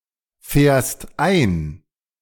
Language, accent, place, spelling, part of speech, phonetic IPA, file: German, Germany, Berlin, fährst ein, verb, [ˌfɛːɐ̯st ˈaɪ̯n], De-fährst ein.ogg
- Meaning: second-person singular present of einfahren